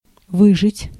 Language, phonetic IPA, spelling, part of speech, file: Russian, [ˈvɨʐɨtʲ], выжить, verb, Ru-выжить.ogg
- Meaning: 1. to survive (continue to live) 2. to make someone leave (an apartment, work or study place) by making their stay miserable or inconvenient, to squeeze out